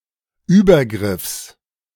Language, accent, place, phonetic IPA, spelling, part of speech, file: German, Germany, Berlin, [ˈyːbɐˌɡʁɪfs], Übergriffs, noun, De-Übergriffs.ogg
- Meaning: genitive singular of Übergriff